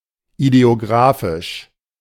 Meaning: ideographic
- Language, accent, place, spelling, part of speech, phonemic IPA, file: German, Germany, Berlin, ideographisch, adjective, /ideoˈɡʁaːfɪʃ/, De-ideographisch.ogg